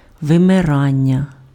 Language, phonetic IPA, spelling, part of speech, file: Ukrainian, [ʋemeˈranʲːɐ], вимирання, noun, Uk-вимирання.ogg
- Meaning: verbal noun of вимира́ти impf (vymyráty): extinction, dying out